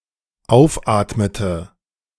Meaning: inflection of aufatmen: 1. first/third-person singular dependent preterite 2. first/third-person singular dependent subjunctive II
- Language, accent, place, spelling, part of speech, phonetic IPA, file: German, Germany, Berlin, aufatmete, verb, [ˈaʊ̯fˌʔaːtmətə], De-aufatmete.ogg